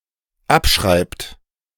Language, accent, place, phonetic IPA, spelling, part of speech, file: German, Germany, Berlin, [ˈapˌʃʁaɪ̯pt], abschreibt, verb, De-abschreibt.ogg
- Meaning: inflection of abschreiben: 1. third-person singular dependent present 2. second-person plural dependent present